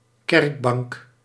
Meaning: a pew (church bench)
- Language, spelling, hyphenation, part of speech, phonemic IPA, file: Dutch, kerkbank, kerk‧bank, noun, /ˈkɛrk.bɑŋk/, Nl-kerkbank.ogg